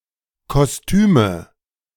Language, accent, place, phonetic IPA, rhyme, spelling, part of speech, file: German, Germany, Berlin, [kɔsˈtyːmə], -yːmə, Kostüme, noun, De-Kostüme.ogg
- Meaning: nominative/accusative/genitive plural of Kostüm "costumes"